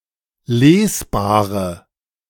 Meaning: inflection of lesbar: 1. strong/mixed nominative/accusative feminine singular 2. strong nominative/accusative plural 3. weak nominative all-gender singular 4. weak accusative feminine/neuter singular
- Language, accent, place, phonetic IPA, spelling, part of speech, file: German, Germany, Berlin, [ˈleːsˌbaːʁə], lesbare, adjective, De-lesbare.ogg